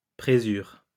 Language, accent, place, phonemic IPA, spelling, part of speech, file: French, France, Lyon, /pʁe.zyʁ/, présure, noun, LL-Q150 (fra)-présure.wav
- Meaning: rennet